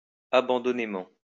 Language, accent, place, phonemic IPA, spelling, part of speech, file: French, France, Lyon, /a.bɑ̃.dɔ.ne.mɑ̃/, abandonnément, adverb, LL-Q150 (fra)-abandonnément.wav
- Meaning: with abandon, without any reserve